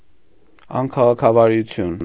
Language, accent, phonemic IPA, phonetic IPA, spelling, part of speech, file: Armenian, Eastern Armenian, /ɑnkʰɑʁɑkʰɑvɑɾuˈtʰjun/, [ɑŋkʰɑʁɑkʰɑvɑɾut͡sʰjún], անքաղաքավարություն, noun, Hy-անքաղաքավարություն.ogg
- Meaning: impoliteness, rudeness